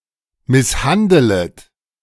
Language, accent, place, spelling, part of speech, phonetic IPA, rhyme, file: German, Germany, Berlin, misshandelet, verb, [ˌmɪsˈhandələt], -andələt, De-misshandelet.ogg
- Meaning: second-person plural subjunctive I of misshandeln